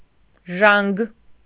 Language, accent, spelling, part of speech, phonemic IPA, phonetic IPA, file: Armenian, Eastern Armenian, ժանգ, noun, /ʒɑnɡ/, [ʒɑŋɡ], Hy-ժանգ.ogg
- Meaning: rust